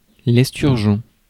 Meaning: sturgeon
- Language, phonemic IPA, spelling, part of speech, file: French, /ɛs.tyʁ.ʒɔ̃/, esturgeon, noun, Fr-esturgeon.ogg